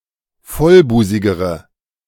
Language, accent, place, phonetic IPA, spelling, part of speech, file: German, Germany, Berlin, [ˈfɔlˌbuːzɪɡəʁə], vollbusigere, adjective, De-vollbusigere.ogg
- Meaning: inflection of vollbusig: 1. strong/mixed nominative/accusative feminine singular comparative degree 2. strong nominative/accusative plural comparative degree